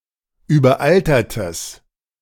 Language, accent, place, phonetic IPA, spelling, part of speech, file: German, Germany, Berlin, [yːbɐˈʔaltɐtəs], überaltertes, adjective, De-überaltertes.ogg
- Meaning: strong/mixed nominative/accusative neuter singular of überaltert